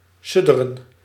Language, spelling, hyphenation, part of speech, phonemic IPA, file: Dutch, sudderen, sud‧de‧ren, verb, /ˈsʏ.də.rə(n)/, Nl-sudderen.ogg
- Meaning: to simmer